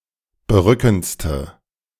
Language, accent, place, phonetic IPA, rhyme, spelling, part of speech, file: German, Germany, Berlin, [bəˈʁʏkn̩t͡stə], -ʏkn̩t͡stə, berückendste, adjective, De-berückendste.ogg
- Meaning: inflection of berückend: 1. strong/mixed nominative/accusative feminine singular superlative degree 2. strong nominative/accusative plural superlative degree